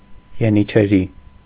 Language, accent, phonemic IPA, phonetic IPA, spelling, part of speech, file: Armenian, Eastern Armenian, /jenit͡ʃʰeˈɾi/, [jenit͡ʃʰeɾí], ենիչերի, noun, Hy-ենիչերի.ogg
- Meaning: janissary